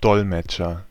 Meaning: 1. interpreter (one who translates in real time; male or of unspecified sex) 2. translator (male or of unspecified gender)
- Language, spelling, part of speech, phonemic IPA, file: German, Dolmetscher, noun, /ˈdɔlmɛt͡ʃər/, De-Dolmetscher.ogg